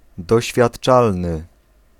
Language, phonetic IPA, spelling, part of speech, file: Polish, [ˌdɔɕfʲjaṭˈt͡ʃalnɨ], doświadczalny, adjective, Pl-doświadczalny.ogg